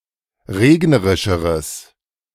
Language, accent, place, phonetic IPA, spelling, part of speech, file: German, Germany, Berlin, [ˈʁeːɡnəʁɪʃəʁəs], regnerischeres, adjective, De-regnerischeres.ogg
- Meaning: strong/mixed nominative/accusative neuter singular comparative degree of regnerisch